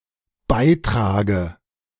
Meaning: inflection of beitragen: 1. first-person singular dependent present 2. first/third-person singular dependent subjunctive I
- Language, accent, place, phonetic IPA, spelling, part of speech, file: German, Germany, Berlin, [ˈbaɪ̯ˌtʁaːɡə], beitrage, verb, De-beitrage.ogg